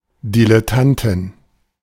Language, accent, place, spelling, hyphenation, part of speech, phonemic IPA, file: German, Germany, Berlin, Dilettantin, Di‧let‧tan‧tin, noun, /ˌdɪlɛˈtantɪn/, De-Dilettantin.ogg
- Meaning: female equivalent of Dilettant